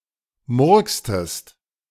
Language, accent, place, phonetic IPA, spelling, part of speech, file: German, Germany, Berlin, [ˈmʊʁkstəst], murkstest, verb, De-murkstest.ogg
- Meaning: inflection of murksen: 1. second-person singular preterite 2. second-person singular subjunctive II